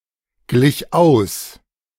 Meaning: first/third-person singular preterite of ausgleichen
- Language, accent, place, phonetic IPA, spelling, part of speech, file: German, Germany, Berlin, [ˌɡlɪç ˈaʊ̯s], glich aus, verb, De-glich aus.ogg